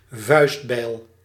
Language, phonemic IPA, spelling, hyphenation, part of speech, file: Dutch, /ˈvœy̯st.bɛi̯l/, vuistbijl, vuist‧bijl, noun, Nl-vuistbijl.ogg
- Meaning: hand axe, biface (primitive axe without a handle)